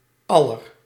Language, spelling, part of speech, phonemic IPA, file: Dutch, aller-, prefix, /ˈɑ.lər/, Nl-aller-.ogg
- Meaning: Intensifying prefix for superlatives: very; of them all